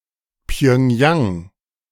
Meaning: Pyongyang (the capital of North Korea)
- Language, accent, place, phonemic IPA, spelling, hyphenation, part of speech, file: German, Germany, Berlin, /pjœŋˈjaŋ/, Pjöngjang, Pjöng‧jang, proper noun, De-Pjöngjang.ogg